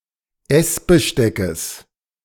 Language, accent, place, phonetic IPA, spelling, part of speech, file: German, Germany, Berlin, [ˈɛsbəˌʃtɛkəs], Essbesteckes, noun, De-Essbesteckes.ogg
- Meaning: genitive singular of Essbesteck